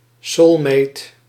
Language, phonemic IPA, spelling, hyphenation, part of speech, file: Dutch, /ˈsɔːlmet/, soulmate, soul‧mate, noun, Nl-soulmate.ogg
- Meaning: soulmate